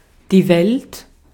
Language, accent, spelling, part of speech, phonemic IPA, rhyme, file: German, Austria, Welt, noun, /vɛlt/, -ɛlt, De-at-Welt.ogg
- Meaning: world